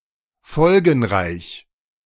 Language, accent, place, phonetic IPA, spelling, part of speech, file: German, Germany, Berlin, [ˈfɔlɡn̩ˌʁaɪ̯ç], folgenreich, adjective, De-folgenreich.ogg
- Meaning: 1. momentous 2. serious